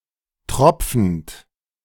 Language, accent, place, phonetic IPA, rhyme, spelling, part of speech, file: German, Germany, Berlin, [ˈtʁɔp͡fn̩t], -ɔp͡fn̩t, tropfend, verb, De-tropfend.ogg
- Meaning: present participle of tropfen